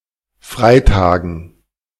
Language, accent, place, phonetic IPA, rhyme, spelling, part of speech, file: German, Germany, Berlin, [ˈfʁaɪ̯ˌtaːɡn̩], -aɪ̯taːɡn̩, Freitagen, noun, De-Freitagen.ogg
- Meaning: dative plural of Freitag